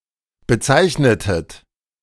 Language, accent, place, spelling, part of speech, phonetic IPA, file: German, Germany, Berlin, bezeichnetet, verb, [bəˈt͡saɪ̯çnətət], De-bezeichnetet.ogg
- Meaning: inflection of bezeichnen: 1. second-person plural preterite 2. second-person plural subjunctive II